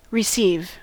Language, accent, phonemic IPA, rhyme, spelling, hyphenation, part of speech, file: English, US, /ɹɪˈsiv/, -iːv, receive, re‧ceive, verb / noun, En-us-receive.ogg
- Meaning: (verb) 1. To be given, sent, or paid something 2. To take, as something that is offered; to accept 3. To take goods knowing them to be stolen